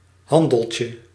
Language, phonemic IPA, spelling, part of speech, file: Dutch, /ˈhɑndəlcə/, handeltje, noun, Nl-handeltje.ogg
- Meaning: diminutive of handel